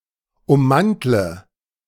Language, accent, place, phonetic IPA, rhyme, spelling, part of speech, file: German, Germany, Berlin, [ʊmˈmantlə], -antlə, ummantle, verb, De-ummantle.ogg
- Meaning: inflection of ummanteln: 1. first-person singular present 2. first/third-person singular subjunctive I 3. singular imperative